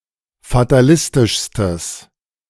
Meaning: strong/mixed nominative/accusative neuter singular superlative degree of fatalistisch
- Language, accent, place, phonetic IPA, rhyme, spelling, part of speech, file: German, Germany, Berlin, [fataˈlɪstɪʃstəs], -ɪstɪʃstəs, fatalistischstes, adjective, De-fatalistischstes.ogg